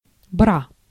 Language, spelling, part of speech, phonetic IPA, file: Russian, бра, noun, [bra], Ru-бра.ogg
- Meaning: 1. sconce, light fixture on a wall 2. bra